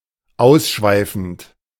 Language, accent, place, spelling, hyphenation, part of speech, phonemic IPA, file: German, Germany, Berlin, ausschweifend, aus‧schwei‧fend, verb / adjective, /ˈaʊ̯sˌʃvaɪ̯fn̩t/, De-ausschweifend.ogg
- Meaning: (verb) present participle of ausschweifen (“to digress, to wander”); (adjective) dissolute, debauched, dissipated